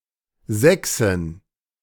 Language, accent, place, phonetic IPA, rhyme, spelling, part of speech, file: German, Germany, Berlin, [ˈzɛksɪn], -ɛksɪn, Sächsin, noun, De-Sächsin.ogg
- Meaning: 1. female Saxon (female native or inhabitant of Saxony, Germany) 2. Saxon (female) (a member of the medieval tribe which Roman authors called Saxones)